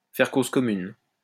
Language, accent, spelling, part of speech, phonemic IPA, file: French, France, faire cause commune, verb, /fɛʁ koz kɔ.myn/, LL-Q150 (fra)-faire cause commune.wav
- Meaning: to make common cause